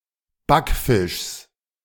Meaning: genitive of Backfisch
- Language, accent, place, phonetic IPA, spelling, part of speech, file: German, Germany, Berlin, [ˈbakˌfɪʃs], Backfischs, noun, De-Backfischs.ogg